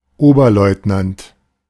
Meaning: first lieutenant
- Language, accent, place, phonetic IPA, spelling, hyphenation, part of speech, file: German, Germany, Berlin, [ˈoːbɐˌlɔɪ̯tnant], Oberleutnant, Ober‧leut‧nant, noun, De-Oberleutnant.ogg